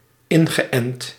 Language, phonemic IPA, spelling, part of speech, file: Dutch, /ˈɪŋɣəˌʔɛnt/, ingeënt, verb, Nl-ingeënt.ogg
- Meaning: past participle of inenten